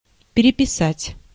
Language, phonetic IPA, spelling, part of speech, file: Russian, [pʲɪrʲɪpʲɪˈsatʲ], переписать, verb, Ru-переписать.ogg
- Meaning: 1. to rewrite, to retype 2. to copy 3. to make a list, to take a census (of) 4. to reregister